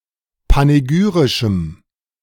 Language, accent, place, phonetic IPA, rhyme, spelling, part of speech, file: German, Germany, Berlin, [paneˈɡyːʁɪʃm̩], -yːʁɪʃm̩, panegyrischem, adjective, De-panegyrischem.ogg
- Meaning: strong dative masculine/neuter singular of panegyrisch